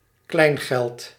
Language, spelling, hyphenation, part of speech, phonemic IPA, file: Dutch, kleingeld, klein‧geld, noun, /ˈklɛi̯n.ɣɛlt/, Nl-kleingeld.ogg
- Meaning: small change